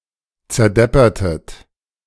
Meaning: inflection of zerdeppern: 1. second-person plural preterite 2. second-person plural subjunctive II
- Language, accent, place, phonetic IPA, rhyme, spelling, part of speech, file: German, Germany, Berlin, [t͡sɛɐ̯ˈdɛpɐtət], -ɛpɐtət, zerdeppertet, verb, De-zerdeppertet.ogg